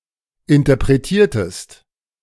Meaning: inflection of interpretieren: 1. second-person singular preterite 2. second-person singular subjunctive II
- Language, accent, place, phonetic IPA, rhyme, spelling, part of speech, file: German, Germany, Berlin, [ɪntɐpʁeˈtiːɐ̯təst], -iːɐ̯təst, interpretiertest, verb, De-interpretiertest.ogg